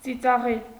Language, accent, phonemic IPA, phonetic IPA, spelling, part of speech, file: Armenian, Eastern Armenian, /t͡sit͡sɑˈʁel/, [t͡sit͡sɑʁél], ծիծաղել, verb, Hy-ծիծաղել.ogg
- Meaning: to laugh